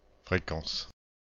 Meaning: frequency (all meanings)
- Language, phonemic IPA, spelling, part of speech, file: French, /fʁe.kɑ̃s/, fréquence, noun, FR-fréquence.ogg